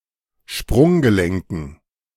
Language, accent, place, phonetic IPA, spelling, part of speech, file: German, Germany, Berlin, [ˈʃpʁʊŋɡəˌlɛŋkn̩], Sprunggelenken, noun, De-Sprunggelenken.ogg
- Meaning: dative plural of Sprunggelenk